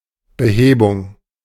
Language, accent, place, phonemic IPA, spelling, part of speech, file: German, Germany, Berlin, /bəˈheːbʊŋ/, Behebung, noun, De-Behebung.ogg
- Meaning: 1. remedy, correction 2. withdrawal, pickup